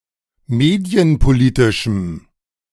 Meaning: strong dative masculine/neuter singular of medienpolitisch
- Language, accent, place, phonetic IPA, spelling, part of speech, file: German, Germany, Berlin, [ˈmeːdi̯ənpoˌliːtɪʃm̩], medienpolitischem, adjective, De-medienpolitischem.ogg